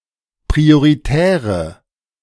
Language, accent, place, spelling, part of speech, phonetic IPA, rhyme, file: German, Germany, Berlin, prioritäre, adjective, [pʁioʁiˈtɛːʁə], -ɛːʁə, De-prioritäre.ogg
- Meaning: inflection of prioritär: 1. strong/mixed nominative/accusative feminine singular 2. strong nominative/accusative plural 3. weak nominative all-gender singular